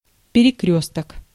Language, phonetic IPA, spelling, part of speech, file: Russian, [pʲɪrʲɪˈkrʲɵstək], перекрёсток, noun, Ru-перекрёсток.ogg
- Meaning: crossroad, road-crossing, carrefour, intersection